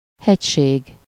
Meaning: mountain, mountains, mountain chain, mountain range (range of mountains)
- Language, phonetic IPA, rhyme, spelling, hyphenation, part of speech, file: Hungarian, [ˈhɛcʃeːɡ], -eːɡ, hegység, hegy‧ség, noun, Hu-hegység.ogg